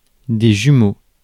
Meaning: plural of jumeau
- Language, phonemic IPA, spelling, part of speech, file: French, /ʒy.mo/, jumeaux, noun, Fr-jumeaux.ogg